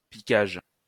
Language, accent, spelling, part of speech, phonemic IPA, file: French, France, piquage, noun, /pi.kaʒ/, LL-Q150 (fra)-piquage.wav
- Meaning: 1. pricking 2. stinging